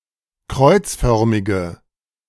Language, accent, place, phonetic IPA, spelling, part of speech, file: German, Germany, Berlin, [ˈkʁɔɪ̯t͡sˌfœʁmɪɡə], kreuzförmige, adjective, De-kreuzförmige.ogg
- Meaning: inflection of kreuzförmig: 1. strong/mixed nominative/accusative feminine singular 2. strong nominative/accusative plural 3. weak nominative all-gender singular